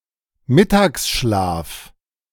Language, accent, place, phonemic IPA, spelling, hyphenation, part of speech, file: German, Germany, Berlin, /ˈmɪtaːksˌʃlaːf/, Mittagsschlaf, Mit‧tags‧schlaf, noun, De-Mittagsschlaf.ogg
- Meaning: afternoon nap